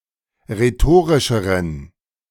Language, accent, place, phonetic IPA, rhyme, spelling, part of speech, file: German, Germany, Berlin, [ʁeˈtoːʁɪʃəʁən], -oːʁɪʃəʁən, rhetorischeren, adjective, De-rhetorischeren.ogg
- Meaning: inflection of rhetorisch: 1. strong genitive masculine/neuter singular comparative degree 2. weak/mixed genitive/dative all-gender singular comparative degree